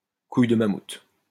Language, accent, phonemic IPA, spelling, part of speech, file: French, France, /kuj də ma.mut/, couille de mammouth, noun, LL-Q150 (fra)-couille de mammouth.wav
- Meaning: gobstopper, jawbreaker (type of candy)